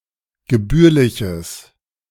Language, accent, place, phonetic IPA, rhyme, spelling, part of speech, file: German, Germany, Berlin, [ɡəˈbyːɐ̯lɪçəs], -yːɐ̯lɪçəs, gebührliches, adjective, De-gebührliches.ogg
- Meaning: strong/mixed nominative/accusative neuter singular of gebührlich